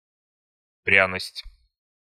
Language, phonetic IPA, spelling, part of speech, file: Russian, [ˈprʲanəsʲtʲ], пряность, noun, Ru-пряность.ogg
- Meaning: 1. spice (plant matter used to season or flavour/flavor food) 2. spiciness